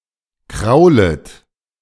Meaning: second-person plural subjunctive I of kraulen
- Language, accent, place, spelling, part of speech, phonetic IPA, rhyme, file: German, Germany, Berlin, kraulet, verb, [ˈkʁaʊ̯lət], -aʊ̯lət, De-kraulet.ogg